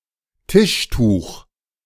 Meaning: tablecloth
- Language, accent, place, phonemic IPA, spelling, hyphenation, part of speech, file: German, Germany, Berlin, /ˈtɪʃˌtuːx/, Tischtuch, Tisch‧tuch, noun, De-Tischtuch.ogg